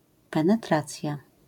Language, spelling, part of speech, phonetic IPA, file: Polish, penetracja, noun, [ˌpɛ̃nɛˈtrat͡sʲja], LL-Q809 (pol)-penetracja.wav